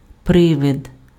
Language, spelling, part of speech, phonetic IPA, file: Ukrainian, привид, noun, [ˈprɪʋed], Uk-привид.ogg
- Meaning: ghost, spirit, phantom, spectre, apparition, spook